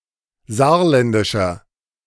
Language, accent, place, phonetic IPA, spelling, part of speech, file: German, Germany, Berlin, [ˈzaːɐ̯ˌlɛndɪʃɐ], saarländischer, adjective, De-saarländischer.ogg
- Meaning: inflection of saarländisch: 1. strong/mixed nominative masculine singular 2. strong genitive/dative feminine singular 3. strong genitive plural